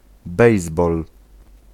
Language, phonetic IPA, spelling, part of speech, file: Polish, [ˈbɛjzbɔl], bejsbol, noun, Pl-bejsbol.ogg